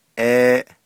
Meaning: clothing, clothes, garment(s), shirt(s)
- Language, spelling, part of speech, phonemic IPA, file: Navajo, ééʼ, noun, /ʔéːʔ/, Nv-ééʼ.ogg